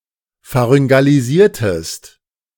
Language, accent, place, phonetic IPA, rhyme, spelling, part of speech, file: German, Germany, Berlin, [faʁʏŋɡaliˈziːɐ̯təst], -iːɐ̯təst, pharyngalisiertest, verb, De-pharyngalisiertest.ogg
- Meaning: inflection of pharyngalisieren: 1. second-person singular preterite 2. second-person singular subjunctive II